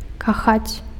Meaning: to love, usually romantically or erotically
- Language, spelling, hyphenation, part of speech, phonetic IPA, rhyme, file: Belarusian, кахаць, ка‧хаць, verb, [kaˈxat͡sʲ], -at͡sʲ, Be-кахаць.ogg